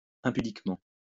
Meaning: immodestly
- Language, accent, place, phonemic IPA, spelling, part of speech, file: French, France, Lyon, /ɛ̃.py.dik.mɑ̃/, impudiquement, adverb, LL-Q150 (fra)-impudiquement.wav